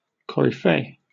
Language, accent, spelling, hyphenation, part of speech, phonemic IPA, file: English, Received Pronunciation, coryphée, co‧ry‧phée, noun, /kɒɹɪˈfeɪ/, En-uk-coryphée.oga
- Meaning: Synonym of coryphaeus.: 1. The conductor or leader of the chorus of a drama 2. The chief or leader of an interest or party